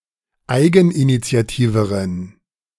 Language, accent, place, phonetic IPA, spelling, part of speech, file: German, Germany, Berlin, [ˈaɪ̯ɡn̩ʔinit͡si̯aˌtiːvəʁən], eigeninitiativeren, adjective, De-eigeninitiativeren.ogg
- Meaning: inflection of eigeninitiativ: 1. strong genitive masculine/neuter singular comparative degree 2. weak/mixed genitive/dative all-gender singular comparative degree